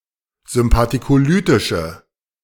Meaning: inflection of sympathicolytisch: 1. strong/mixed nominative/accusative feminine singular 2. strong nominative/accusative plural 3. weak nominative all-gender singular
- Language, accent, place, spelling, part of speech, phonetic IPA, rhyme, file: German, Germany, Berlin, sympathicolytische, adjective, [zʏmpatikoˈlyːtɪʃə], -yːtɪʃə, De-sympathicolytische.ogg